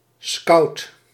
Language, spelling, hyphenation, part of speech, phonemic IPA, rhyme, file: Dutch, scout, scout, noun, /skɑu̯t/, -ɑu̯t, Nl-scout.ogg
- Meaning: 1. a scout, a boy scout or girl scout 2. a talent scout